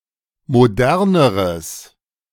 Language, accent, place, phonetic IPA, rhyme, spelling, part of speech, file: German, Germany, Berlin, [moˈdɛʁnəʁəs], -ɛʁnəʁəs, moderneres, adjective, De-moderneres.ogg
- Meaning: strong/mixed nominative/accusative neuter singular comparative degree of modern